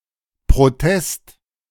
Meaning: protest
- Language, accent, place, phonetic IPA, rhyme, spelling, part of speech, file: German, Germany, Berlin, [pʁoˈtɛst], -ɛst, Protest, noun, De-Protest.ogg